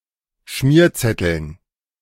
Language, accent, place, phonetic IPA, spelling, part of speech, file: German, Germany, Berlin, [ˈʃmiːɐ̯ˌt͡sɛtl̩n], Schmierzetteln, noun, De-Schmierzetteln.ogg
- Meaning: dative plural of Schmierzettel